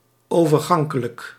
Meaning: transitive
- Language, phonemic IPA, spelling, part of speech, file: Dutch, /ˌovərˈɣɑŋkələk/, overgankelijk, adjective, Nl-overgankelijk.ogg